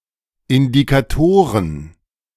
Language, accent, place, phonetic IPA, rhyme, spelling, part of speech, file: German, Germany, Berlin, [ɪndikaˈtoːʁən], -oːʁən, Indikatoren, noun, De-Indikatoren.ogg
- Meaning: plural of Indikator